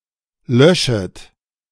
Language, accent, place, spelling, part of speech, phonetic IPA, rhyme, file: German, Germany, Berlin, löschet, verb, [ˈlœʃət], -œʃət, De-löschet.ogg
- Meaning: second-person plural subjunctive I of löschen